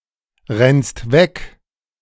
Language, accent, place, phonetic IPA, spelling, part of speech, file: German, Germany, Berlin, [ˌʁɛnst ˈvɛk], rennst weg, verb, De-rennst weg.ogg
- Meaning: second-person singular present of wegrennen